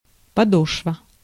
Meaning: 1. sole (bottom of the foot or of the shoe) 2. foot (of the mountain)
- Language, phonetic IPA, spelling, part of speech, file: Russian, [pɐˈdoʂvə], подошва, noun, Ru-подошва.ogg